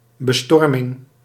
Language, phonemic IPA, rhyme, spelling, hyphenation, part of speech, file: Dutch, /bəˈstɔr.mɪŋ/, -ɔrmɪŋ, bestorming, be‧stor‧ming, noun, Nl-bestorming.ogg
- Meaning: storming, charge, quick attack